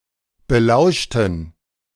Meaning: inflection of belauschen: 1. first/third-person plural preterite 2. first/third-person plural subjunctive II
- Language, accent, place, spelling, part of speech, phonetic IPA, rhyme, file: German, Germany, Berlin, belauschten, adjective / verb, [bəˈlaʊ̯ʃtn̩], -aʊ̯ʃtn̩, De-belauschten.ogg